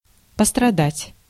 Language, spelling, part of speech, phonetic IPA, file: Russian, пострадать, verb, [pəstrɐˈdatʲ], Ru-пострадать.ogg
- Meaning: 1. to suffer 2. to come to harm